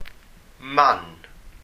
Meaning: 1. place; location 2. speck; blemish 3. stain 4. distinguishing mark 5. birthmark; mole 6. pimple; spot 7. mascle 8. manna
- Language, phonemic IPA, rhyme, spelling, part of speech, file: Welsh, /man/, -an, man, noun, Cy-man.ogg